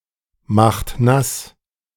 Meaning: inflection of nassmachen: 1. second-person plural present 2. third-person singular present 3. plural imperative
- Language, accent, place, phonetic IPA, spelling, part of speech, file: German, Germany, Berlin, [ˌmaxt ˈnas], macht nass, verb, De-macht nass.ogg